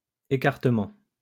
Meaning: 1. spread, spreading 2. distance between two things
- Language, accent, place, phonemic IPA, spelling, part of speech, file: French, France, Lyon, /e.kaʁ.tə.mɑ̃/, écartement, noun, LL-Q150 (fra)-écartement.wav